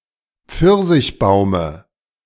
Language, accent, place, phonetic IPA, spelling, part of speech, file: German, Germany, Berlin, [ˈp͡fɪʁzɪçˌbaʊ̯mə], Pfirsichbaume, noun, De-Pfirsichbaume.ogg
- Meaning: dative of Pfirsichbaum